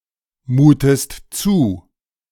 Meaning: inflection of zumuten: 1. second-person singular present 2. second-person singular subjunctive I
- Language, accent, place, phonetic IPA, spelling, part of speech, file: German, Germany, Berlin, [ˌmuːtəst ˈt͡suː], mutest zu, verb, De-mutest zu.ogg